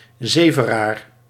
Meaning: someone who lies, nags or gives unwanted or unreliable comments
- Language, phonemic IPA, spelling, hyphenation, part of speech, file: Dutch, /ˈzeːvəraːr/, zeveraar, ze‧ve‧raar, noun, Nl-zeveraar.ogg